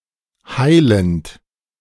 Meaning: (verb) present participle of heilen; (adjective) 1. healing, curing 2. curative
- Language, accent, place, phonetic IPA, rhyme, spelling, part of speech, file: German, Germany, Berlin, [ˈhaɪ̯lənt], -aɪ̯lənt, heilend, verb, De-heilend.ogg